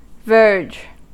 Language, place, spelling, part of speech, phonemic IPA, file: English, California, verge, noun / verb, /vɝd͡ʒ/, En-us-verge.ogg
- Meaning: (noun) A rod or staff of office, e.g. of a verger